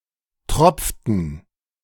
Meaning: inflection of tropfen: 1. first/third-person plural preterite 2. first/third-person plural subjunctive II
- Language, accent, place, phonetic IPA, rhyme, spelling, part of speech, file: German, Germany, Berlin, [ˈtʁɔp͡ftn̩], -ɔp͡ftn̩, tropften, verb, De-tropften.ogg